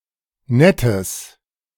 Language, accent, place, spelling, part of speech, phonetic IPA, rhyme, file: German, Germany, Berlin, nettes, adjective, [ˈnɛtəs], -ɛtəs, De-nettes.ogg
- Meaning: strong/mixed nominative/accusative neuter singular of nett